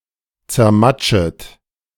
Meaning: second-person plural subjunctive I of zermatschen
- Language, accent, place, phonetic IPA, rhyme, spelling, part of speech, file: German, Germany, Berlin, [t͡sɛɐ̯ˈmat͡ʃət], -at͡ʃət, zermatschet, verb, De-zermatschet.ogg